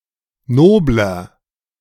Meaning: 1. comparative degree of nobel 2. inflection of nobel: strong/mixed nominative masculine singular 3. inflection of nobel: strong genitive/dative feminine singular
- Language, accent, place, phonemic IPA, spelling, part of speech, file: German, Germany, Berlin, /ˈˈnoːblɐ/, nobler, adjective, De-nobler.ogg